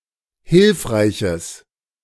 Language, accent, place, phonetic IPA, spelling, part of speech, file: German, Germany, Berlin, [ˈhɪlfʁaɪ̯çəs], hilfreiches, adjective, De-hilfreiches.ogg
- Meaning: strong/mixed nominative/accusative neuter singular of hilfreich